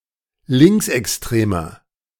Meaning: 1. comparative degree of linksextrem 2. inflection of linksextrem: strong/mixed nominative masculine singular 3. inflection of linksextrem: strong genitive/dative feminine singular
- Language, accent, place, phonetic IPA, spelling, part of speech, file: German, Germany, Berlin, [ˈlɪŋksʔɛksˌtʁeːmɐ], linksextremer, adjective, De-linksextremer.ogg